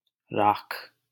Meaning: ash, ashes
- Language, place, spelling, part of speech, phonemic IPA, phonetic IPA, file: Hindi, Delhi, राख, noun, /ɾɑːkʰ/, [ɾäːkʰ], LL-Q1568 (hin)-राख.wav